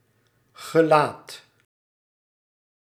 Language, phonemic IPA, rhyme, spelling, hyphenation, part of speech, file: Dutch, /ɣəˈlaːt/, -aːt, gelaat, ge‧laat, noun, Nl-gelaat.ogg
- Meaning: (Human) face